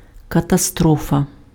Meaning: 1. catastrophe, disaster, calamity 2. accident, crash
- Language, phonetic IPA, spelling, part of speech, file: Ukrainian, [kɐtɐˈstrɔfɐ], катастрофа, noun, Uk-катастрофа.ogg